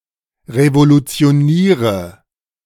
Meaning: inflection of revolutionieren: 1. first-person singular present 2. singular imperative 3. first/third-person singular subjunctive I
- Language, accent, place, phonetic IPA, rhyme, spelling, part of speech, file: German, Germany, Berlin, [ʁevolut͡si̯oˈniːʁə], -iːʁə, revolutioniere, verb, De-revolutioniere.ogg